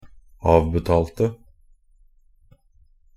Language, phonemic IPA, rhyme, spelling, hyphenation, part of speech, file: Norwegian Bokmål, /ˈɑːʋbɛtɑːltə/, -ɑːltə, avbetalte, av‧be‧tal‧te, verb, Nb-avbetalte.ogg
- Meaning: 1. simple past of avbetale 2. past participle definite singular of avbetale 3. past participle plural of avbetale